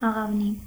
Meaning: dove, pigeon
- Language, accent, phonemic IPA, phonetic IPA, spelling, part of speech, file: Armenian, Eastern Armenian, /ɑʁɑvˈni/, [ɑʁɑvní], աղավնի, noun, Hy-աղավնի.ogg